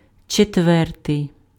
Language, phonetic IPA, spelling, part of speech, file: Ukrainian, [t͡ʃetˈʋɛrtei̯], четвертий, adjective, Uk-четвертий.ogg
- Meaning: fourth